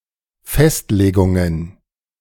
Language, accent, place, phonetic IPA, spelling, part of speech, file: German, Germany, Berlin, [ˈfɛstleːɡʊŋən], Festlegungen, noun, De-Festlegungen.ogg
- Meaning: plural of Festlegung